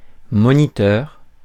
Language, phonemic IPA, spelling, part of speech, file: French, /mɔ.ni.tœʁ/, moniteur, noun, Fr-moniteur.ogg
- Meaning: 1. monitor (someone who watches over something) 2. monitor (instructor, teacher, supervisor) 3. monitor (computer screen)